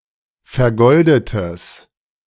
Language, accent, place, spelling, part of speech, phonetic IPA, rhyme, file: German, Germany, Berlin, vergoldetes, adjective, [fɛɐ̯ˈɡɔldətəs], -ɔldətəs, De-vergoldetes.ogg
- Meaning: strong/mixed nominative/accusative neuter singular of vergoldet